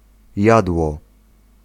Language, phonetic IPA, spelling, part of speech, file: Polish, [ˈjadwɔ], jadło, noun / verb, Pl-jadło.ogg